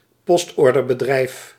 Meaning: mail order company
- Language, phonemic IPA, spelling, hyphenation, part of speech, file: Dutch, /ˈpɔst.ɔr.dər.bəˌdrɛi̯f/, postorderbedrijf, post‧or‧der‧be‧drijf, noun, Nl-postorderbedrijf.ogg